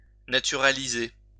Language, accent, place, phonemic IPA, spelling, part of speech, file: French, France, Lyon, /na.ty.ʁa.li.ze/, naturaliser, verb, LL-Q150 (fra)-naturaliser.wav
- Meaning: 1. to naturalize (all senses) 2. to stuff (a dead animal)